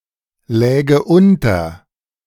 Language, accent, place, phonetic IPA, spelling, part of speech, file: German, Germany, Berlin, [ˌlɛːɡə ˈʔʊntɐ], läge unter, verb, De-läge unter.ogg
- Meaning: first/third-person singular subjunctive II of unterliegen